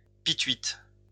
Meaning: 1. phlegm 2. mucus
- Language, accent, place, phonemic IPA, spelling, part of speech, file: French, France, Lyon, /pi.tɥit/, pituite, noun, LL-Q150 (fra)-pituite.wav